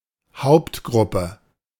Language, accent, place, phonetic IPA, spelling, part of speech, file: German, Germany, Berlin, [ˈhaʊ̯ptˌɡʁʊpə], Hauptgruppe, noun, De-Hauptgruppe.ogg
- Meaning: main group (of the periodic table)